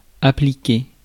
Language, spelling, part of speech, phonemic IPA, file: French, appliquer, verb, /a.pli.ke/, Fr-appliquer.ogg
- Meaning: 1. to apply, to put something on something else 2. to apply, to employ, to make use of 3. to apply to, to be applicable to 4. to apply to, to be applicable to: to map to